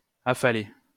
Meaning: 1. to lower, let down 2. to slump, slouch, plop down
- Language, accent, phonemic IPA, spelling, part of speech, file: French, France, /a.fa.le/, affaler, verb, LL-Q150 (fra)-affaler.wav